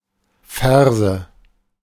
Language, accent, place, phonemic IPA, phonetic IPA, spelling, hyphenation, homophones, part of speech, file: German, Germany, Berlin, /ˈfɛʁzə/, [ˈfɛɐ̯.zə], Ferse, Fer‧se, Färse / Verse, noun, De-Ferse.ogg
- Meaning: heel